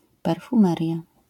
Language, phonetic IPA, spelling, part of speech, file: Polish, [ˌpɛrfũˈmɛrʲja], perfumeria, noun, LL-Q809 (pol)-perfumeria.wav